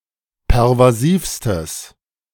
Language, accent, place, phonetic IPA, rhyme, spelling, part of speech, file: German, Germany, Berlin, [pɛʁvaˈziːfstəs], -iːfstəs, pervasivstes, adjective, De-pervasivstes.ogg
- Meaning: strong/mixed nominative/accusative neuter singular superlative degree of pervasiv